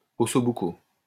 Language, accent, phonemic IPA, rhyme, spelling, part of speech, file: French, France, /ɔ.so bu.ko/, -o, osso buco, noun, LL-Q150 (fra)-osso buco.wav
- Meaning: osso buco (Italian meat dish)